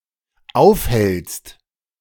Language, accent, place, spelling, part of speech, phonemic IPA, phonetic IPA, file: German, Germany, Berlin, aufhältst, verb, /ˈaʊ̯fˌhɛl(t)st/, [ˈʔaʊ̯fˌhɛlt͡st], De-aufhältst.ogg
- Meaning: second-person singular dependent present of aufhalten